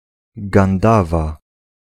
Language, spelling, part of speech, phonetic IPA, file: Polish, Gandawa, proper noun, [ɡãnˈdava], Pl-Gandawa.ogg